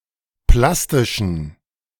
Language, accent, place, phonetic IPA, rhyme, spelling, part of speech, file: German, Germany, Berlin, [ˈplastɪʃn̩], -astɪʃn̩, plastischen, adjective, De-plastischen.ogg
- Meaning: inflection of plastisch: 1. strong genitive masculine/neuter singular 2. weak/mixed genitive/dative all-gender singular 3. strong/weak/mixed accusative masculine singular 4. strong dative plural